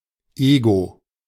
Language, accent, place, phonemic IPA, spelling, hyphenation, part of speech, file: German, Germany, Berlin, /ˈeːɡo/, Ego, E‧go, noun, De-Ego.ogg
- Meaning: ego